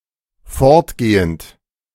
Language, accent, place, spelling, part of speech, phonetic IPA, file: German, Germany, Berlin, fortgehend, verb, [ˈfɔʁtˌɡeːənt], De-fortgehend.ogg
- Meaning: present participle of fortgehen